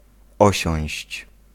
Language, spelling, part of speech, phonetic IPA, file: Polish, osiąść, verb, [ˈɔɕɔ̃w̃ɕt͡ɕ], Pl-osiąść.ogg